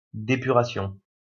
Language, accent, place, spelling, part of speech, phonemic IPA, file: French, France, Lyon, dépuration, noun, /de.py.ʁa.sjɔ̃/, LL-Q150 (fra)-dépuration.wav
- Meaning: depuration